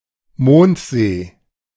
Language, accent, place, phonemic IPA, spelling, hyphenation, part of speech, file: German, Germany, Berlin, /ˈmoːntˌzeː/, Mondsee, Mond‧see, proper noun, De-Mondsee.ogg
- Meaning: a municipality and lake in Upper Austria, Austria